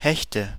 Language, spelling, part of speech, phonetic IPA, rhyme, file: German, Hechte, noun, [ˈhɛçtə], -ɛçtə, De-Hechte.ogg
- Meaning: nominative/accusative/genitive plural of Hecht